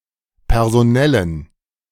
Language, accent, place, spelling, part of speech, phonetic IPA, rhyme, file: German, Germany, Berlin, personellen, adjective, [pɛʁzoˈnɛlən], -ɛlən, De-personellen.ogg
- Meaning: inflection of personell: 1. strong genitive masculine/neuter singular 2. weak/mixed genitive/dative all-gender singular 3. strong/weak/mixed accusative masculine singular 4. strong dative plural